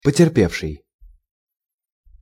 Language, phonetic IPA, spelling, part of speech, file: Russian, [pətʲɪrˈpʲefʂɨj], потерпевший, verb / adjective / noun, Ru-потерпевший.ogg
- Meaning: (verb) past active perfective participle of потерпе́ть (poterpétʹ); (adjective) injured, wronged; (noun) victim